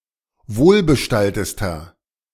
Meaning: inflection of wohlbestallt: 1. strong/mixed nominative masculine singular superlative degree 2. strong genitive/dative feminine singular superlative degree 3. strong genitive plural superlative degree
- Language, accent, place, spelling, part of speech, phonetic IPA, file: German, Germany, Berlin, wohlbestalltester, adjective, [ˈvoːlbəˌʃtaltəstɐ], De-wohlbestalltester.ogg